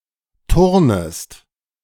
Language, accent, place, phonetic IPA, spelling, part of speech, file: German, Germany, Berlin, [ˈtʊʁnəst], turnest, verb, De-turnest.ogg
- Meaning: second-person singular subjunctive I of turnen